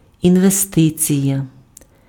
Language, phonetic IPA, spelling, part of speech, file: Ukrainian, [inʋeˈstɪt͡sʲijɐ], інвестиція, noun, Uk-інвестиція.ogg
- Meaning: investment